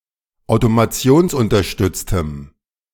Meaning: strong dative masculine/neuter singular of automationsunterstützt
- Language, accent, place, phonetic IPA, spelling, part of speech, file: German, Germany, Berlin, [aʊ̯tomaˈt͡si̯oːnsʔʊntɐˌʃtʏt͡stəm], automationsunterstütztem, adjective, De-automationsunterstütztem.ogg